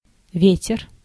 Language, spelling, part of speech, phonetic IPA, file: Russian, ветер, noun, [ˈvʲetʲɪr], Ru-ветер.ogg
- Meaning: 1. wind 2. the wind(s), flatus 3. the wind of change (usually in the phrase ве́тер переме́н (véter peremén))